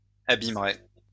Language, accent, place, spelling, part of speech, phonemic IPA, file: French, France, Lyon, abîmerait, verb, /a.bim.ʁɛ/, LL-Q150 (fra)-abîmerait.wav
- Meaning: third-person singular conditional of abîmer